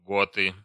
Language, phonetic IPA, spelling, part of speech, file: Russian, [ˈɡotɨ], готы, noun, Ru-готы.ogg
- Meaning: nominative plural of гот (got)